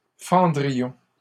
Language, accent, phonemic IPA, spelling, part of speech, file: French, Canada, /fɑ̃.dʁi.jɔ̃/, fendrions, verb, LL-Q150 (fra)-fendrions.wav
- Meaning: first-person plural conditional of fendre